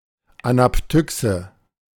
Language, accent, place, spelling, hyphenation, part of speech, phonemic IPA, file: German, Germany, Berlin, Anaptyxe, Ana‧p‧ty‧xe, noun, /anapˈtʏksə/, De-Anaptyxe.ogg
- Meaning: anaptyxis